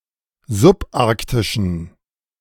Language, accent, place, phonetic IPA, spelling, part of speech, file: German, Germany, Berlin, [zʊpˈʔaʁktɪʃn̩], subarktischen, adjective, De-subarktischen.ogg
- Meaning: inflection of subarktisch: 1. strong genitive masculine/neuter singular 2. weak/mixed genitive/dative all-gender singular 3. strong/weak/mixed accusative masculine singular 4. strong dative plural